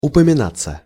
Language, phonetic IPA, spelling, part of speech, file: Russian, [ʊpəmʲɪˈnat͡sːə], упоминаться, verb, Ru-упоминаться.ogg
- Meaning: passive of упомина́ть (upominátʹ)